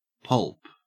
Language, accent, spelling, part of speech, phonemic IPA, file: English, Australia, pulp, noun / verb / adjective, /pʌlp/, En-au-pulp.ogg
- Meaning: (noun) A soft, moist, shapeless mass or matter.: 1. A mixture of wood, cellulose and/or rags and water ground up to make paper 2. A mass of chemically processed wood fibres (cellulose)